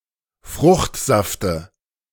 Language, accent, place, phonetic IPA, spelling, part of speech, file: German, Germany, Berlin, [ˈfʁʊxtˌzaftə], Fruchtsafte, noun, De-Fruchtsafte.ogg
- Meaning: dative singular of Fruchtsaft